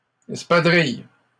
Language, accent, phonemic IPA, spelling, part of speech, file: French, Canada, /ɛs.pa.dʁij/, espadrilles, noun, LL-Q150 (fra)-espadrilles.wav
- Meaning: plural of espadrille